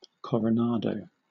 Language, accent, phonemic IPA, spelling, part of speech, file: English, Southern England, /ˌkɒɹəˈnɑːdəʊ/, Coronado, proper noun, LL-Q1860 (eng)-Coronado.wav
- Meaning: 1. A surname from Spanish 2. A city in San Diego County, California, United States